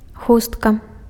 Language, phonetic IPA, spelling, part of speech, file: Belarusian, [ˈxustka], хустка, noun, Be-хустка.ogg
- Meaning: shawl, neckpiece, kerchief, headscarf